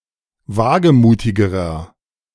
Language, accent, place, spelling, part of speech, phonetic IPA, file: German, Germany, Berlin, wagemutigerer, adjective, [ˈvaːɡəˌmuːtɪɡəʁɐ], De-wagemutigerer.ogg
- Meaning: inflection of wagemutig: 1. strong/mixed nominative masculine singular comparative degree 2. strong genitive/dative feminine singular comparative degree 3. strong genitive plural comparative degree